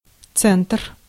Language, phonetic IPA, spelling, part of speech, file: Russian, [t͡sɛntr], центр, noun, Ru-центр.ogg
- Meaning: 1. center, centre 2. Charlie (C in the ICAO spelling alphabet) 3. downtown, city centre